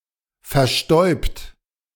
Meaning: 1. past participle of verstäuben 2. inflection of verstäuben: third-person singular present 3. inflection of verstäuben: second-person plural present 4. inflection of verstäuben: plural imperative
- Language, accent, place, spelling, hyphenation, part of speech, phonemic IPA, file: German, Germany, Berlin, verstäubt, ver‧stäubt, verb, /fɛɐ̯ˈʃtɔɪ̯bt/, De-verstäubt.ogg